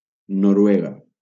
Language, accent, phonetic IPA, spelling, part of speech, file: Catalan, Valencia, [no.ɾuˈe.ɣa], Noruega, proper noun, LL-Q7026 (cat)-Noruega.wav
- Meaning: Norway (a country in Scandinavia in Northern Europe)